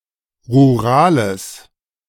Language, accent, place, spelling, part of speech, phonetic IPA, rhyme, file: German, Germany, Berlin, rurales, adjective, [ʁuˈʁaːləs], -aːləs, De-rurales.ogg
- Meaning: strong/mixed nominative/accusative neuter singular of rural